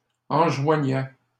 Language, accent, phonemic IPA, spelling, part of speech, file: French, Canada, /ɑ̃.ʒwa.ɲɛ/, enjoignais, verb, LL-Q150 (fra)-enjoignais.wav
- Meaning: first/second-person singular imperfect indicative of enjoindre